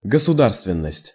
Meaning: statehood
- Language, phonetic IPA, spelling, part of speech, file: Russian, [ɡəsʊˈdarstvʲɪn(ː)əsʲtʲ], государственность, noun, Ru-государственность.ogg